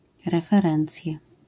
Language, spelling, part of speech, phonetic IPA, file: Polish, referencje, noun, [ˌrɛfɛˈrɛ̃nt͡sʲjɛ], LL-Q809 (pol)-referencje.wav